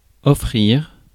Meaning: 1. to offer; to provide 2. to give as a gift 3. to buy for oneself 4. to treat oneself 5. to open oneself up to (someone)
- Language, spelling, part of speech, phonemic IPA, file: French, offrir, verb, /ɔ.fʁiʁ/, Fr-offrir.ogg